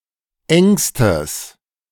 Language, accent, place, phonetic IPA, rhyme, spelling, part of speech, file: German, Germany, Berlin, [ˈɛŋstəs], -ɛŋstəs, engstes, adjective, De-engstes.ogg
- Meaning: strong/mixed nominative/accusative neuter singular superlative degree of eng